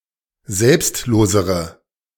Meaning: inflection of selbstlos: 1. strong/mixed nominative/accusative feminine singular comparative degree 2. strong nominative/accusative plural comparative degree
- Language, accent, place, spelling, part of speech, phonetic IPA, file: German, Germany, Berlin, selbstlosere, adjective, [ˈzɛlpstˌloːzəʁə], De-selbstlosere.ogg